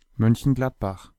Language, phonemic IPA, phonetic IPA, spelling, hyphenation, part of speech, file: German, /mœn.çənˈɡlat.bax/, [ˌmœn.çn̩ˈɡlat.baχ], Mönchengladbach, Mön‧chen‧glad‧bach, proper noun, De-Mönchengladbach.ogg
- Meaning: an independent city in North Rhine-Westphalia, Germany